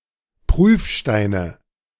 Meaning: nominative/accusative/genitive plural of Prüfstein
- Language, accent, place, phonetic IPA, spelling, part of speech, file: German, Germany, Berlin, [ˈpʁyːfˌʃtaɪ̯nə], Prüfsteine, noun, De-Prüfsteine.ogg